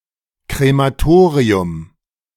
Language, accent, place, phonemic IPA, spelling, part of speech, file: German, Germany, Berlin, /kʁemaˈtoːʁiʊm/, Krematorium, noun, De-Krematorium.ogg
- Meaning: crematorium